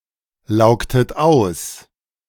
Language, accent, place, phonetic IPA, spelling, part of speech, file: German, Germany, Berlin, [ˌlaʊ̯ktət ˈaʊ̯s], laugtet aus, verb, De-laugtet aus.ogg
- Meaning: inflection of auslaugen: 1. second-person plural preterite 2. second-person plural subjunctive II